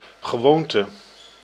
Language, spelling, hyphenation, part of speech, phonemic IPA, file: Dutch, gewoonte, ge‧woon‧te, noun, /ɣəˈʋoːn.tə/, Nl-gewoonte.ogg
- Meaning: 1. wont, habit, custom 2. custom, tradition